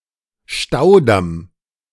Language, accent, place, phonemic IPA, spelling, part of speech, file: German, Germany, Berlin, /ˈʃtaʊ̯ˌdam/, Staudamm, noun, De-Staudamm.ogg
- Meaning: embankment dam